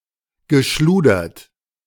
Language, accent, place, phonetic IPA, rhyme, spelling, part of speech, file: German, Germany, Berlin, [ɡəˈʃluːdɐt], -uːdɐt, geschludert, verb, De-geschludert.ogg
- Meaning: past participle of schludern